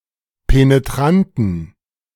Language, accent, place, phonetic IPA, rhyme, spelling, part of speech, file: German, Germany, Berlin, [peneˈtʁantn̩], -antn̩, penetranten, adjective, De-penetranten.ogg
- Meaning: inflection of penetrant: 1. strong genitive masculine/neuter singular 2. weak/mixed genitive/dative all-gender singular 3. strong/weak/mixed accusative masculine singular 4. strong dative plural